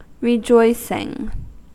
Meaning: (verb) present participle and gerund of rejoice; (noun) An act of showing joy
- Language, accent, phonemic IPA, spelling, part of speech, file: English, US, /ɹɪˈd͡ʒoɪ.sɪŋ/, rejoicing, verb / noun, En-us-rejoicing.ogg